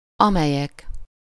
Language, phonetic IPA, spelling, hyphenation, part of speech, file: Hungarian, [ˈɒmɛjɛk], amelyek, ame‧lyek, pronoun, Hu-amelyek.ogg
- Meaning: nominative plural of amely